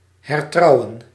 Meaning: to remarry (to marry after the end of a previous marriage)
- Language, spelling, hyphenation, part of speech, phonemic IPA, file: Dutch, hertrouwen, her‧trou‧wen, verb, /ˌɦɛrˈtrɑu̯.ə(n)/, Nl-hertrouwen.ogg